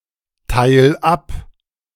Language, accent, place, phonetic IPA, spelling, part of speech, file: German, Germany, Berlin, [ˌtaɪ̯l ˈap], teil ab, verb, De-teil ab.ogg
- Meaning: 1. singular imperative of abteilen 2. first-person singular present of abteilen